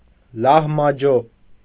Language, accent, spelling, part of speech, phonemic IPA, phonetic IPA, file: Armenian, Eastern Armenian, լահմաջո, noun, /lɑhmɑˈd͡ʒo/, [lɑhmɑd͡ʒó], Hy-լահմաջո.ogg
- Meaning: lahmacun